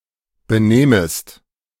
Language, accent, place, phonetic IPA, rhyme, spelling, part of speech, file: German, Germany, Berlin, [bəˈnɛːməst], -ɛːməst, benähmest, verb, De-benähmest.ogg
- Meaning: second-person singular subjunctive II of benehmen